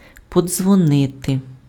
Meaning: 1. to ring, to clang (make a ringing sound) 2. to ring, to call (contact by telephone)
- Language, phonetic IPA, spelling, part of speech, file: Ukrainian, [pɔd͡zwɔˈnɪte], подзвонити, verb, Uk-подзвонити.ogg